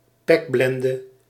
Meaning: pitchblende, a black variety of uraninite
- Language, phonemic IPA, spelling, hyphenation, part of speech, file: Dutch, /ˈpɛkˌblɛn.də/, pekblende, pek‧blen‧de, noun, Nl-pekblende.ogg